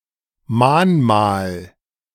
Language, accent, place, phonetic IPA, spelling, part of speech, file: German, Germany, Berlin, [ˈmaːnˌmaːl], Mahnmal, noun, De-Mahnmal.ogg
- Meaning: A monument that serves as a reminder of a tragic event and a warning that the event should not be allowed to occur again